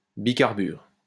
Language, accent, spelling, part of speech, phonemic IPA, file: French, France, bicarbure, noun, /bi.kaʁ.byʁ/, LL-Q150 (fra)-bicarbure.wav
- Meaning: dicarbide